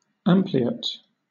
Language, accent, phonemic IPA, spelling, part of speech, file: English, Southern England, /ˈæmpliət/, ampliate, adjective, LL-Q1860 (eng)-ampliate.wav
- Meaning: 1. Having the outer edge prominent; said of the wings of insects 2. Enlarged